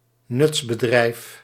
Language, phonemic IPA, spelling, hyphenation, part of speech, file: Dutch, /ˈnʏts.bəˌdrɛi̯f/, nutsbedrijf, nuts‧be‧drijf, noun, Nl-nutsbedrijf.ogg
- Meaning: utility company